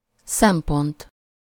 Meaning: 1. point of view, viewpoint, standpoint 2. point, consideration, factor (opinion which adds to the discussion) 3. aspect, regard, respect 4. criterion
- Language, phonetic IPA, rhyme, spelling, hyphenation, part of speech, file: Hungarian, [ˈsɛmpont], -ont, szempont, szem‧pont, noun, Hu-szempont.ogg